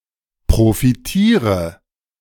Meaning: inflection of profitieren: 1. first-person singular present 2. first/third-person singular subjunctive I 3. singular imperative
- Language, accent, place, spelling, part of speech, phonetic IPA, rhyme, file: German, Germany, Berlin, profitiere, verb, [pʁofiˈtiːʁə], -iːʁə, De-profitiere.ogg